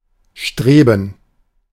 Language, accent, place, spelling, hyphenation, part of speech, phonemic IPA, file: German, Germany, Berlin, streben, stre‧ben, verb, /ˈʃtʁeːbən/, De-streben.ogg
- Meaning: 1. to strive 2. to aspire